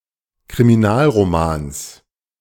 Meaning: genitive singular of Kriminalroman
- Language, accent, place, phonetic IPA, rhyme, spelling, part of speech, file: German, Germany, Berlin, [kʁimiˈnaːlʁoˌmaːns], -aːlʁomaːns, Kriminalromans, noun, De-Kriminalromans.ogg